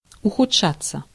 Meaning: 1. to become worse, to deteriorate, to take a turn for the worse 2. passive of ухудша́ть (uxudšátʹ)
- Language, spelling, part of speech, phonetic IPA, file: Russian, ухудшаться, verb, [ʊxʊt͡ʂˈʂat͡sːə], Ru-ухудшаться.ogg